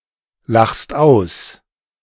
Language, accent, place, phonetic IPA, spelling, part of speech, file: German, Germany, Berlin, [ˌlaxst ˈaʊ̯s], lachst aus, verb, De-lachst aus.ogg
- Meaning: second-person singular present of auslachen